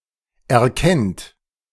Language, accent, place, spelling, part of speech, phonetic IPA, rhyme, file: German, Germany, Berlin, erkennt, verb, [ɛɐ̯ˈkɛnt], -ɛnt, De-erkennt.ogg
- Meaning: inflection of erkennen: 1. third-person singular present 2. second-person plural present 3. plural imperative